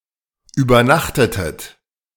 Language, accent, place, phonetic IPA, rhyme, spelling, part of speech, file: German, Germany, Berlin, [yːbɐˈnaxtətət], -axtətət, übernachtetet, verb, De-übernachtetet.ogg
- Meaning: inflection of übernachten: 1. second-person plural preterite 2. second-person plural subjunctive II